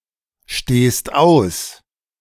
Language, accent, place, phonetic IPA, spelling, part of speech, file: German, Germany, Berlin, [ˌʃteːst ˈaʊ̯s], stehst aus, verb, De-stehst aus.ogg
- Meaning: second-person singular present of ausstehen